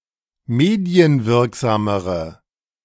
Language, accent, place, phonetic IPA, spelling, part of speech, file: German, Germany, Berlin, [ˈmeːdi̯ənˌvɪʁkzaːməʁə], medienwirksamere, adjective, De-medienwirksamere.ogg
- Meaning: inflection of medienwirksam: 1. strong/mixed nominative/accusative feminine singular comparative degree 2. strong nominative/accusative plural comparative degree